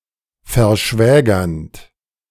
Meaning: present participle of verschwägern
- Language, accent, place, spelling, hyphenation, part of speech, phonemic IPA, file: German, Germany, Berlin, verschwägernd, ver‧schwä‧gernd, verb, /fɛɐ̯ˈʃvɛːɡɐnd/, De-verschwägernd.ogg